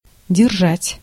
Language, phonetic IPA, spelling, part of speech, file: Russian, [dʲɪrˈʐatʲ], держать, verb, Ru-держать.ogg
- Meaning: to hold, to keep, to support